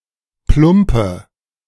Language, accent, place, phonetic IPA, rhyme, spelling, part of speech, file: German, Germany, Berlin, [ˈplʊmpə], -ʊmpə, plumpe, adjective, De-plumpe.ogg
- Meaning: inflection of plump: 1. strong/mixed nominative/accusative feminine singular 2. strong nominative/accusative plural 3. weak nominative all-gender singular 4. weak accusative feminine/neuter singular